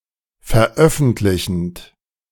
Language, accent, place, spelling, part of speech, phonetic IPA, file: German, Germany, Berlin, veröffentlichend, verb, [fɛɐ̯ˈʔœfn̩tlɪçn̩t], De-veröffentlichend.ogg
- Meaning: present participle of veröffentlichen